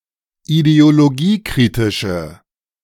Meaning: inflection of ideologiekritisch: 1. strong/mixed nominative/accusative feminine singular 2. strong nominative/accusative plural 3. weak nominative all-gender singular
- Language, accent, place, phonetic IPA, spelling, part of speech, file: German, Germany, Berlin, [ideoloˈɡiːˌkʁɪtɪʃə], ideologiekritische, adjective, De-ideologiekritische.ogg